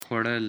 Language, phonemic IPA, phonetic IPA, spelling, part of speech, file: Pashto, /xwa.ɽəl/, [xʷa̝.ɽə́l], خوړل, verb, خوړل.ogg
- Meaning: to eat